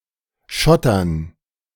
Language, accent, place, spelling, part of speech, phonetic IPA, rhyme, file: German, Germany, Berlin, Schottern, noun, [ˈʃɔtɐn], -ɔtɐn, De-Schottern.ogg
- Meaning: dative plural of Schotter